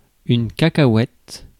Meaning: post-1990 spelling of cacahuète
- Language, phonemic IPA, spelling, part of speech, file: French, /ka.ka.wɛt/, cacahouète, noun, Fr-cacahouète.ogg